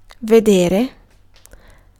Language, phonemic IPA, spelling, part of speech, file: Italian, /veˈdere/, vedere, noun / verb, It-vedere.ogg